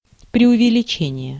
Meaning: exaggeration
- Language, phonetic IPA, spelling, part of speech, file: Russian, [prʲɪʊvʲɪlʲɪˈt͡ɕenʲɪje], преувеличение, noun, Ru-преувеличение.ogg